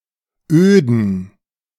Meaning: plural of Öde
- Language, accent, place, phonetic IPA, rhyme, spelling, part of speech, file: German, Germany, Berlin, [øːdn̩], -øːdn̩, Öden, noun, De-Öden.ogg